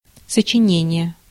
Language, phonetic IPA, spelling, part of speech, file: Russian, [sət͡ɕɪˈnʲenʲɪje], сочинение, noun, Ru-сочинение.ogg
- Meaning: 1. composition, essay 2. opus